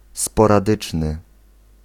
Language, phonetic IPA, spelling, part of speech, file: Polish, [ˌspɔraˈdɨt͡ʃnɨ], sporadyczny, adjective, Pl-sporadyczny.ogg